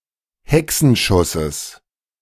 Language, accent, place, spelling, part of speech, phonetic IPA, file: German, Germany, Berlin, Hexenschusses, noun, [ˈhɛksn̩ʃʊsəs], De-Hexenschusses.ogg
- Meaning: genitive singular of Hexenschuss